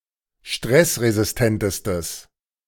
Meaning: strong/mixed nominative/accusative neuter singular superlative degree of stressresistent
- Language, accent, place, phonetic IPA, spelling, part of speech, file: German, Germany, Berlin, [ˈʃtʁɛsʁezɪsˌtɛntəstəs], stressresistentestes, adjective, De-stressresistentestes.ogg